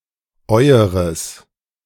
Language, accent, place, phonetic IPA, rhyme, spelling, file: German, Germany, Berlin, [ˈɔɪ̯əʁəs], -ɔɪ̯əʁəs, eueres, De-eueres.ogg
- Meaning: genitive masculine/neuter singular of euer: your (plural) (referring to a masculine or neuter object in the genitive case)